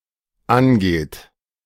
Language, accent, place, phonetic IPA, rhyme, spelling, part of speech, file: German, Germany, Berlin, [ˈanˌɡeːt], -anɡeːt, angeht, verb, De-angeht.ogg
- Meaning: inflection of angehen: 1. third-person singular dependent present 2. second-person plural dependent present